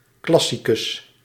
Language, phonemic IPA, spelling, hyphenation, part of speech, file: Dutch, /ˈklɑ.si.kʏs/, classicus, clas‧si‧cus, noun, Nl-classicus.ogg
- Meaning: classicist